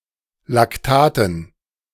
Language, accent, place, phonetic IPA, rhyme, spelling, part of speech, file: German, Germany, Berlin, [lakˈtaːtn̩], -aːtn̩, Lactaten, noun, De-Lactaten.ogg
- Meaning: dative plural of Lactat